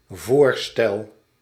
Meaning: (noun) proposal; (verb) first-person singular dependent-clause present indicative of voorstellen
- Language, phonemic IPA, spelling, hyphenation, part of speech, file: Dutch, /ˈvoːr.stɛl/, voorstel, voor‧stel, noun / verb, Nl-voorstel.ogg